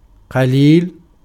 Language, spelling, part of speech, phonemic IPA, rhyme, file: Arabic, قليل, adjective / noun, /qa.liːl/, -iːl, Ar-قليل.ogg
- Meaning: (adjective) 1. few, little 2. scarce 3. short, thin, paltry, insignificant-looking; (noun) a few; a little